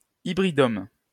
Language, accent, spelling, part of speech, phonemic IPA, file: French, France, hybridome, noun, /i.bʁi.dɔm/, LL-Q150 (fra)-hybridome.wav
- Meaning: hybridoma